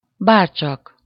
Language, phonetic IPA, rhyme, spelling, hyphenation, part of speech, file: Hungarian, [ˈbaːrt͡ʃɒk], -ɒk, bárcsak, bár‧csak, particle, Hu-bárcsak.ogg
- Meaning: if only